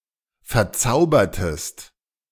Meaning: inflection of verzaubern: 1. second-person singular preterite 2. second-person singular subjunctive II
- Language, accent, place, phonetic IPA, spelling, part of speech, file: German, Germany, Berlin, [fɛɐ̯ˈt͡saʊ̯bɐtəst], verzaubertest, verb, De-verzaubertest.ogg